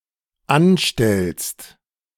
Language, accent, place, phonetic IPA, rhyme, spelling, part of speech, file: German, Germany, Berlin, [ˈanˌʃtɛlst], -anʃtɛlst, anstellst, verb, De-anstellst.ogg
- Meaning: second-person singular dependent present of anstellen